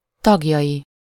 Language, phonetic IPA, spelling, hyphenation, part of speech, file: Hungarian, [ˈtɒɡjɒji], tagjai, tag‧jai, noun, Hu-tagjai.ogg
- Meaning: third-person singular multiple-possession possessive of tag